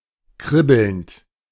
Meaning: present participle of kribbeln
- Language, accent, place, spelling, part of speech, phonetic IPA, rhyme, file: German, Germany, Berlin, kribbelnd, verb, [ˈkʁɪbl̩nt], -ɪbl̩nt, De-kribbelnd.ogg